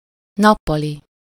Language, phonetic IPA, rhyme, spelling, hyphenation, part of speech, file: Hungarian, [ˈnɒpːɒli], -li, nappali, nap‧pa‧li, adjective / noun, Hu-nappali.ogg
- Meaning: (adjective) 1. daytime, diurnal, day-, of the day 2. full-time (of a student or course/training)